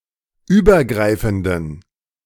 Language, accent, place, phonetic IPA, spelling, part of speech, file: German, Germany, Berlin, [ˈyːbɐˌɡʁaɪ̯fn̩dən], übergreifenden, adjective, De-übergreifenden.ogg
- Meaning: inflection of übergreifend: 1. strong genitive masculine/neuter singular 2. weak/mixed genitive/dative all-gender singular 3. strong/weak/mixed accusative masculine singular 4. strong dative plural